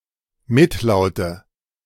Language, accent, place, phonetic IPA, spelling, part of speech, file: German, Germany, Berlin, [ˈmɪtˌlaʊ̯tə], Mitlaute, noun, De-Mitlaute.ogg
- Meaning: nominative/accusative/genitive plural of Mitlaut